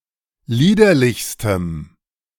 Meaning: strong dative masculine/neuter singular superlative degree of liederlich
- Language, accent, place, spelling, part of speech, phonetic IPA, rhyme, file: German, Germany, Berlin, liederlichstem, adjective, [ˈliːdɐlɪçstəm], -iːdɐlɪçstəm, De-liederlichstem.ogg